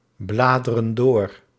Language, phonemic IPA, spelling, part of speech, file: Dutch, /ˈbladərə(n) ˈdor/, bladeren door, verb, Nl-bladeren door.ogg
- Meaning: inflection of doorbladeren: 1. plural present indicative 2. plural present subjunctive